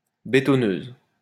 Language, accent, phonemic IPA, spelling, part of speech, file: French, France, /be.tɔ.nøz/, bétonneuses, noun, LL-Q150 (fra)-bétonneuses.wav
- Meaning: plural of bétonneuse